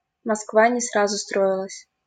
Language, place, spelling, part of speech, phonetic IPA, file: Russian, Saint Petersburg, Москва не сразу строилась, proverb, [mɐskˈva nʲɪ‿ˈsrazʊ ˈstroɪɫəsʲ], LL-Q7737 (rus)-Москва не сразу строилась.wav
- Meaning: Rome wasn't built in a day